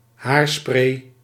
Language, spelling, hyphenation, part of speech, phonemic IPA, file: Dutch, haarspray, haar‧spray, noun, /ˈɦaːr.spreː/, Nl-haarspray.ogg
- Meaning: hair spray